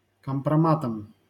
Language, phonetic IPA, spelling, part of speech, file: Russian, [kəmprɐˈmatəm], компроматом, noun, LL-Q7737 (rus)-компроматом.wav
- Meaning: instrumental singular of компрома́т (kompromát)